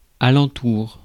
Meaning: around
- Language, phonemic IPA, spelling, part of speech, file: French, /a.lɑ̃.tuʁ/, alentour, adverb, Fr-alentour.ogg